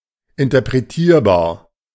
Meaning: interpretable
- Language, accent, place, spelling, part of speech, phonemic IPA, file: German, Germany, Berlin, interpretierbar, adjective, /ɪntɐpʁeˈtiːɐ̯baːɐ̯/, De-interpretierbar.ogg